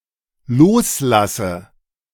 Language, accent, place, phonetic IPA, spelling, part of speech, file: German, Germany, Berlin, [ˈloːsˌlasə], loslasse, verb, De-loslasse.ogg
- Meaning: inflection of loslassen: 1. first-person singular dependent present 2. first/third-person singular dependent subjunctive I